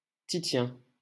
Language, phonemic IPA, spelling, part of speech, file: French, /ti.sjɛ̃/, Titien, proper noun, LL-Q150 (fra)-Titien.wav
- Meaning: a male given name from Latin, equivalent to English Titian